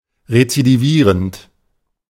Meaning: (verb) present participle of rezidivieren; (adjective) recurrent, recidivous
- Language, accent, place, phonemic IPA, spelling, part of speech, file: German, Germany, Berlin, /ʁet͡sidiˈviːʁənt/, rezidivierend, verb / adjective, De-rezidivierend.ogg